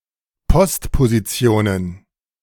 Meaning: plural of Postposition
- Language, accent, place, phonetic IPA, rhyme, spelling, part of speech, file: German, Germany, Berlin, [pɔstpoziˈt͡si̯oːnən], -oːnən, Postpositionen, noun, De-Postpositionen.ogg